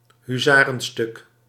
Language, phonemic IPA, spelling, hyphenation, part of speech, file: Dutch, /ɦyː.ˈzaː.rən.ˌstʏk/, huzarenstuk, hu‧za‧ren‧stuk, noun, Nl-huzarenstuk.ogg
- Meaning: impressive feat, tour de force, masterpiece